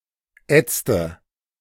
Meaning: inflection of ätzen: 1. first/third-person singular preterite 2. first/third-person singular subjunctive II
- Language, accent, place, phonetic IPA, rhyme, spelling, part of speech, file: German, Germany, Berlin, [ˈɛt͡stə], -ɛt͡stə, ätzte, verb, De-ätzte.ogg